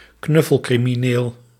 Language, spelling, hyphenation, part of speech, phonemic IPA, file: Dutch, knuffelcrimineel, knuf‧fel‧cri‧mi‧neel, noun, /ˈknʏ.fəl.kri.miˌneːl/, Nl-knuffelcrimineel.ogg
- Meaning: celebrity criminal, a criminal with persistently favourable media coverage